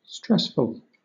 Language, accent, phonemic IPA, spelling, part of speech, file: English, Southern England, /ˈstɹɛsfəl/, stressful, adjective, LL-Q1860 (eng)-stressful.wav
- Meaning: 1. Irritating; causing stress 2. Mentally taxing